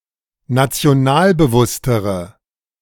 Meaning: inflection of nationalbewusst: 1. strong/mixed nominative/accusative feminine singular comparative degree 2. strong nominative/accusative plural comparative degree
- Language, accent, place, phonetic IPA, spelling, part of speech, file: German, Germany, Berlin, [nat͡si̯oˈnaːlbəˌvʊstəʁə], nationalbewusstere, adjective, De-nationalbewusstere.ogg